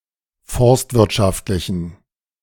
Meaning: inflection of forstwirtschaftlich: 1. strong genitive masculine/neuter singular 2. weak/mixed genitive/dative all-gender singular 3. strong/weak/mixed accusative masculine singular
- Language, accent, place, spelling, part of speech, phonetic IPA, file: German, Germany, Berlin, forstwirtschaftlichen, adjective, [ˈfɔʁstvɪʁtˌʃaftlɪçn̩], De-forstwirtschaftlichen.ogg